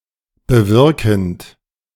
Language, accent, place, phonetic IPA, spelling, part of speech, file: German, Germany, Berlin, [bəˈvɪʁkn̩t], bewirkend, verb, De-bewirkend.ogg
- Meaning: present participle of bewirken